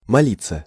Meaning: to pray (to petition a higher being)
- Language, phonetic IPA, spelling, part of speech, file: Russian, [mɐˈlʲit͡sːə], молиться, verb, Ru-молиться.ogg